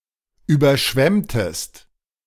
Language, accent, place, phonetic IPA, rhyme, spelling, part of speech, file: German, Germany, Berlin, [ˌyːbɐˈʃvɛmtəst], -ɛmtəst, überschwemmtest, verb, De-überschwemmtest.ogg
- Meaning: inflection of überschwemmen: 1. second-person singular preterite 2. second-person singular subjunctive II